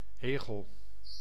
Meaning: hedgehog
- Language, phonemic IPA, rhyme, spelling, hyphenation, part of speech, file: Dutch, /ˈeːɣəl/, -eːɣəl, egel, egel, noun, Nl-egel.ogg